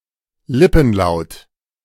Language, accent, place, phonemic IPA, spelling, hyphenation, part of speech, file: German, Germany, Berlin, /ˈlɪpn̩ˌlaʊ̯t/, Lippenlaut, Lip‧pen‧laut, noun, De-Lippenlaut.ogg
- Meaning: labial